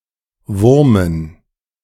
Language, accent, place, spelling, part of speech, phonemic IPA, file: German, Germany, Berlin, wurmen, verb, /ˈvʊʁmən/, De-wurmen.ogg
- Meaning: to bother, to rankle (to cause a not necessarily strong but continuous feeling of anger, worry, or regret in someone)